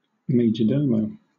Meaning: The head servant or official in a royal Spanish or Italian household; later, any head servant in a wealthy household in a foreign country; a leading servant or butler
- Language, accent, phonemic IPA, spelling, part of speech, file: English, Southern England, /ˌmeɪ.d͡ʒəˈdəʊ.məʊ/, majordomo, noun, LL-Q1860 (eng)-majordomo.wav